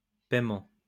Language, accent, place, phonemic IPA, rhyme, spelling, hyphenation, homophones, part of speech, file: French, France, Lyon, /pɛj.mɑ̃/, -ɑ̃, payement, paye‧ment, payements, noun, LL-Q150 (fra)-payement.wav
- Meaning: alternative spelling of paiement